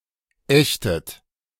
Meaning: inflection of ächten: 1. third-person singular present 2. second-person plural present 3. second-person plural subjunctive I 4. plural imperative
- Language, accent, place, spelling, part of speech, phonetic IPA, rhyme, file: German, Germany, Berlin, ächtet, verb, [ˈɛçtət], -ɛçtət, De-ächtet.ogg